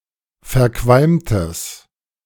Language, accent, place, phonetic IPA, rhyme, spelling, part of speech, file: German, Germany, Berlin, [fɛɐ̯ˈkvalmtəs], -almtəs, verqualmtes, adjective, De-verqualmtes.ogg
- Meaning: strong/mixed nominative/accusative neuter singular of verqualmt